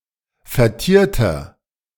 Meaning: inflection of vertiert: 1. strong/mixed nominative masculine singular 2. strong genitive/dative feminine singular 3. strong genitive plural
- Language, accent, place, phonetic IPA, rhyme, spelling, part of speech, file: German, Germany, Berlin, [fɛɐ̯ˈtiːɐ̯tɐ], -iːɐ̯tɐ, vertierter, adjective, De-vertierter.ogg